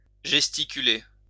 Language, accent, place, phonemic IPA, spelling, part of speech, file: French, France, Lyon, /ʒɛs.ti.ky.le/, gesticuler, verb, LL-Q150 (fra)-gesticuler.wav
- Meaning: to gesticulate (make gestures)